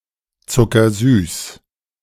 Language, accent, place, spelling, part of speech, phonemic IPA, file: German, Germany, Berlin, zuckersüß, adjective, /ˈtsʊkɐˌzyːs/, De-zuckersüß.ogg
- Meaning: sugar-sweet